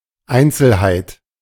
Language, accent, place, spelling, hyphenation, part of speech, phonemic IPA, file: German, Germany, Berlin, Einzelheit, Ein‧zel‧heit, noun, /ˈaɪ̯ntsl̩haɪ̯t/, De-Einzelheit.ogg
- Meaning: detail